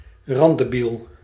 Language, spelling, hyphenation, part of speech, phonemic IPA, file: Dutch, randdebiel, rand‧de‧biel, noun, /ˈrɑn.dəˌbil/, Nl-randdebiel.ogg
- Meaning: idiot, moron, imbecile